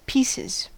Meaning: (noun) plural of piece; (verb) third-person singular simple present indicative of piece
- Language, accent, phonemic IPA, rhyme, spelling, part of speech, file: English, US, /ˈpiːsɪz/, -iːsɪz, pieces, noun / verb, En-us-pieces.ogg